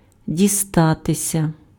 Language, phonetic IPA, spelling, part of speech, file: Ukrainian, [dʲiˈstatesʲɐ], дістатися, verb, Uk-дістатися.ogg
- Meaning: 1. to fall to one's share; to fall to one's lot 2. to get (to), to reach 3. passive of діста́ти pf (distáty)